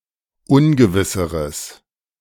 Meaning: strong/mixed nominative/accusative neuter singular comparative degree of ungewiss
- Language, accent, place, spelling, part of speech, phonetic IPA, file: German, Germany, Berlin, ungewisseres, adjective, [ˈʊnɡəvɪsəʁəs], De-ungewisseres.ogg